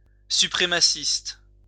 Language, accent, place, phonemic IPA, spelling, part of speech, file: French, France, Lyon, /sy.pʁe.ma.sist/, suprémaciste, adjective / noun, LL-Q150 (fra)-suprémaciste.wav
- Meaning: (adjective) supremacist